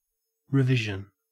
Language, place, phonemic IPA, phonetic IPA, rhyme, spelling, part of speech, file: English, Queensland, /ɹəˈvɪʒ.ən/, [ɹəˈvɪʒ.n̩], -ɪʒən, revision, noun / verb, En-au-revision.ogg
- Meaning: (noun) The process of revising: The action or process of reviewing, editing and amending